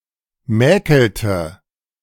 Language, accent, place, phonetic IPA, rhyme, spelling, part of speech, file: German, Germany, Berlin, [ˈmɛːkl̩tə], -ɛːkl̩tə, mäkelte, verb, De-mäkelte.ogg
- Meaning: inflection of mäkeln: 1. first/third-person singular preterite 2. first/third-person singular subjunctive II